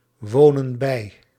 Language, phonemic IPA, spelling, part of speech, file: Dutch, /ˈwonə(n) ˈbɛi/, wonen bij, verb, Nl-wonen bij.ogg
- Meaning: inflection of bijwonen: 1. plural present indicative 2. plural present subjunctive